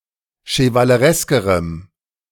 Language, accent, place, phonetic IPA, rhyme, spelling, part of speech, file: German, Germany, Berlin, [ʃəvaləˈʁɛskəʁəm], -ɛskəʁəm, chevalereskerem, adjective, De-chevalereskerem.ogg
- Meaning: strong dative masculine/neuter singular comparative degree of chevaleresk